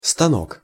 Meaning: 1. machine, lathe, press 2. mount, mounting, bench 3. support, prop, easel 4. safety razor 5. ass, booty (buttocks, typically female)
- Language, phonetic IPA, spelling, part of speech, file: Russian, [stɐˈnok], станок, noun, Ru-станок.ogg